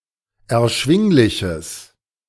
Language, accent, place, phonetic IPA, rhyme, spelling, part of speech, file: German, Germany, Berlin, [ɛɐ̯ˈʃvɪŋlɪçəs], -ɪŋlɪçəs, erschwingliches, adjective, De-erschwingliches.ogg
- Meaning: strong/mixed nominative/accusative neuter singular of erschwinglich